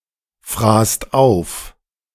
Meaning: second-person singular/plural preterite of auffressen
- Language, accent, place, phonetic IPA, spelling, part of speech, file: German, Germany, Berlin, [ˌfʁaːst ˈaʊ̯f], fraßt auf, verb, De-fraßt auf.ogg